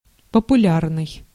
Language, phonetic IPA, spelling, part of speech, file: Russian, [pəpʊˈlʲarnɨj], популярный, adjective, Ru-популярный.ogg
- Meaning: popular